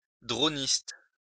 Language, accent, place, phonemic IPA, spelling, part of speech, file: French, France, Lyon, /dʁo.nist/, droniste, noun, LL-Q150 (fra)-droniste.wav
- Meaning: dronist